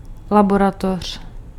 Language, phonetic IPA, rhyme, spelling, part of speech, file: Czech, [ˈlaborator̝̊], -ator̝̊, laboratoř, noun, Cs-laboratoř.ogg
- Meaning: laboratory